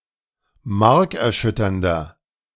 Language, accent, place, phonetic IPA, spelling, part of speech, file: German, Germany, Berlin, [ˈmaʁkɛɐ̯ˌʃʏtɐndɐ], markerschütternder, adjective, De-markerschütternder.ogg
- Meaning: 1. comparative degree of markerschütternd 2. inflection of markerschütternd: strong/mixed nominative masculine singular 3. inflection of markerschütternd: strong genitive/dative feminine singular